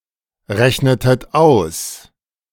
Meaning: inflection of ausrechnen: 1. second-person plural preterite 2. second-person plural subjunctive II
- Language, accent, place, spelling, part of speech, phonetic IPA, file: German, Germany, Berlin, rechnetet aus, verb, [ˌʁɛçnətət ˈaʊ̯s], De-rechnetet aus.ogg